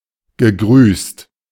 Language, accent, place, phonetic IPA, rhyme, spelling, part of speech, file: German, Germany, Berlin, [ɡəˈɡʁyːst], -yːst, gegrüßt, verb, De-gegrüßt.ogg
- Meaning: past participle of grüßen